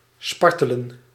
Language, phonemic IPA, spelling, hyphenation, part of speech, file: Dutch, /ˈspɑr.tə.lə(n)/, spartelen, spar‧te‧len, verb, Nl-spartelen.ogg
- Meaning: 1. to flounce, to flounder (to flop around) 2. to squirm, writhe